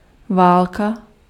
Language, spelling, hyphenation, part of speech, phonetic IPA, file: Czech, válka, vál‧ka, noun, [ˈvaːlka], Cs-válka.ogg
- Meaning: war